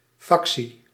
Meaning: 1. faction, clique, a temporary opportunistic alliance between politicians who are otherwise unaligned 2. faction, a player (computer or human) with a distinct civilisation
- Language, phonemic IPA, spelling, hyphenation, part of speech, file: Dutch, /ˈfɑk.si/, factie, fac‧tie, noun, Nl-factie.ogg